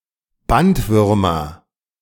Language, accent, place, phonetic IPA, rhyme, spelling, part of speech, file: German, Germany, Berlin, [ˈbantˌvʏʁmɐ], -antvʏʁmɐ, Bandwürmer, noun, De-Bandwürmer.ogg
- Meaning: nominative/accusative/genitive plural of Bandwurm